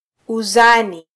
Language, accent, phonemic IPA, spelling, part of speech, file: Swahili, Kenya, /uˈzɑ.ni/, uzani, noun, Sw-ke-uzani.flac
- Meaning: weight